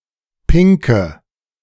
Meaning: inflection of pink: 1. strong/mixed nominative/accusative feminine singular 2. strong nominative/accusative plural 3. weak nominative all-gender singular 4. weak accusative feminine/neuter singular
- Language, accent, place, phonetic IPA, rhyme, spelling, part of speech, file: German, Germany, Berlin, [ˈpɪŋkə], -ɪŋkə, pinke, adjective, De-pinke.ogg